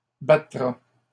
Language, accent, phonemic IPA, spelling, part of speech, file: French, Canada, /ba.tʁa/, battra, verb, LL-Q150 (fra)-battra.wav
- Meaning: third-person singular future of battre